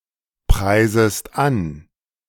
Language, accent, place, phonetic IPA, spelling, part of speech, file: German, Germany, Berlin, [ˌpʁaɪ̯zəst ˈan], preisest an, verb, De-preisest an.ogg
- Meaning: second-person singular subjunctive I of anpreisen